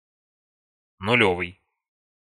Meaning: brand new
- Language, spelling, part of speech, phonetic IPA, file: Russian, нулёвый, adjective, [nʊˈlʲɵvɨj], Ru-нулёвый.ogg